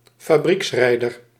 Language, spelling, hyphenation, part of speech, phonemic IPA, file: Dutch, fabrieksrijder, fa‧brieks‧rij‧der, noun, /faːˈbriksˌrɛi̯.dər/, Nl-fabrieksrijder.ogg
- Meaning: driver in a factory-backed team